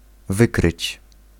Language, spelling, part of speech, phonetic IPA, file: Polish, wykryć, verb, [ˈvɨkrɨt͡ɕ], Pl-wykryć.ogg